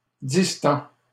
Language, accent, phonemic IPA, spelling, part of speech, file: French, Canada, /dis.tɑ̃/, distend, verb, LL-Q150 (fra)-distend.wav
- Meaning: third-person singular present indicative of distendre